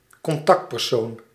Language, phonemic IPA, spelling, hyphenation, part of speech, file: Dutch, /kɔnˈtɑkt.pɛrˌsoːn/, contactpersoon, con‧tact‧per‧soon, noun, Nl-contactpersoon.ogg
- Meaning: contact, contact person